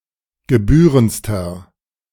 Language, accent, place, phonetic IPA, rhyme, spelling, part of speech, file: German, Germany, Berlin, [ɡəˈbyːʁənt͡stɐ], -yːʁənt͡stɐ, gebührendster, adjective, De-gebührendster.ogg
- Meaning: inflection of gebührend: 1. strong/mixed nominative masculine singular superlative degree 2. strong genitive/dative feminine singular superlative degree 3. strong genitive plural superlative degree